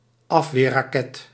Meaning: a defensive missile used to intercept other projectiles
- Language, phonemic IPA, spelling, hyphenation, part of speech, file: Dutch, /ˈɑf.ʋeː(r).raːˌkɛt/, afweerraket, af‧weer‧ra‧ket, noun, Nl-afweerraket.ogg